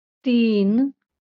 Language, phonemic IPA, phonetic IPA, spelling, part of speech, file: Marathi, /t̪in/, [t̪iːn], तीन, numeral, LL-Q1571 (mar)-तीन.wav
- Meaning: three